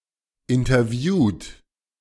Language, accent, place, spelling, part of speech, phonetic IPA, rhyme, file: German, Germany, Berlin, interviewt, verb, [ɪntɐˈvjuːt], -uːt, De-interviewt.ogg
- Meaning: 1. past participle of interviewen 2. inflection of interviewen: third-person singular present 3. inflection of interviewen: second-person plural present 4. inflection of interviewen: plural imperative